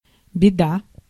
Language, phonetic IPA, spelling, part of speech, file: Russian, [bʲɪˈda], беда, noun, Ru-беда.ogg
- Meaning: misfortune, trouble, disaster, mischief